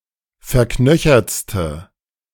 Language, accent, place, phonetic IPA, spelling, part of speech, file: German, Germany, Berlin, [fɛɐ̯ˈknœçɐt͡stə], verknöchertste, adjective, De-verknöchertste.ogg
- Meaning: inflection of verknöchert: 1. strong/mixed nominative/accusative feminine singular superlative degree 2. strong nominative/accusative plural superlative degree